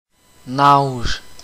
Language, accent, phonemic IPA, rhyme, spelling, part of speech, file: French, Canada, /naʒ/, -aʒ, nage, noun / verb, Qc-nage.oga
- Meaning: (noun) swimming; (verb) inflection of nager: 1. first/third-person singular present indicative/subjunctive 2. second-person singular imperative